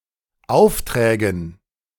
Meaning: dative plural of Auftrag
- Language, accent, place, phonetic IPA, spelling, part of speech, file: German, Germany, Berlin, [ˈaʊ̯fˌtʁɛːɡn̩], Aufträgen, noun, De-Aufträgen.ogg